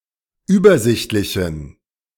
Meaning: inflection of übersichtlich: 1. strong genitive masculine/neuter singular 2. weak/mixed genitive/dative all-gender singular 3. strong/weak/mixed accusative masculine singular 4. strong dative plural
- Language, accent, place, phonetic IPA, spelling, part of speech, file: German, Germany, Berlin, [ˈyːbɐˌzɪçtlɪçn̩], übersichtlichen, adjective, De-übersichtlichen.ogg